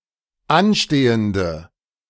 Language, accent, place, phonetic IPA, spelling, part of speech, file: German, Germany, Berlin, [ˈanˌʃteːəndə], anstehende, adjective, De-anstehende.ogg
- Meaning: inflection of anstehend: 1. strong/mixed nominative/accusative feminine singular 2. strong nominative/accusative plural 3. weak nominative all-gender singular